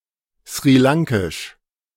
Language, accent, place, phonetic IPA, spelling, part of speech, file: German, Germany, Berlin, [sʁiˈlaŋkɪʃ], sri-lankisch, adjective, De-sri-lankisch.ogg
- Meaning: Sri Lankan (of, from, or pertaining to Sri Lanka, the Sri Lankan people or the Sri Lankan language)